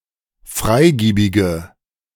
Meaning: inflection of freigiebig: 1. strong/mixed nominative/accusative feminine singular 2. strong nominative/accusative plural 3. weak nominative all-gender singular
- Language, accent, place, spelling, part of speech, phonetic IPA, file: German, Germany, Berlin, freigiebige, adjective, [ˈfʁaɪ̯ˌɡiːbɪɡə], De-freigiebige.ogg